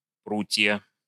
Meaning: nominative/accusative plural of прут (prut)
- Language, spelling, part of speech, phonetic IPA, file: Russian, прутья, noun, [ˈprutʲjə], Ru-прутья.ogg